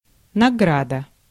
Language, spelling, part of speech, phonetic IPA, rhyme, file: Russian, награда, noun, [nɐˈɡradə], -adə, Ru-награда.ogg
- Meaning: 1. reward (something of value given in return for an act) 2. award 3. decoration